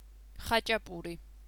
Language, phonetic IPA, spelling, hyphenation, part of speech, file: Georgian, [χät͡ʃʼäpʼuɾi], ხაჭაპური, ხა‧ჭა‧პუ‧რი, noun, Khachapuri.ogg
- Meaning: khachapuri, cheese bread